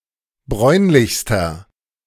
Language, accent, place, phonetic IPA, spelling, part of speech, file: German, Germany, Berlin, [ˈbʁɔɪ̯nlɪçstɐ], bräunlichster, adjective, De-bräunlichster.ogg
- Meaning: inflection of bräunlich: 1. strong/mixed nominative masculine singular superlative degree 2. strong genitive/dative feminine singular superlative degree 3. strong genitive plural superlative degree